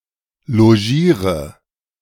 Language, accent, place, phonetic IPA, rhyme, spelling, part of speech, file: German, Germany, Berlin, [loˈʒiːʁə], -iːʁə, logiere, verb, De-logiere.ogg
- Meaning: inflection of logieren: 1. first-person singular present 2. singular imperative 3. first/third-person singular subjunctive I